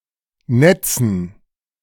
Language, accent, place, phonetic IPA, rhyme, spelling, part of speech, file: German, Germany, Berlin, [ˈnɛt͡sn̩], -ɛt͡sn̩, Netzen, noun, De-Netzen.ogg
- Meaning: dative plural of Netz